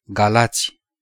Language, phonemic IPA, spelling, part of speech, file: Romanian, /ɡaˈlatsʲ/, Galați, proper noun, Ro-Galați.ogg
- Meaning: 1. the capital and largest city of Galați County, Romania 2. a county of Romania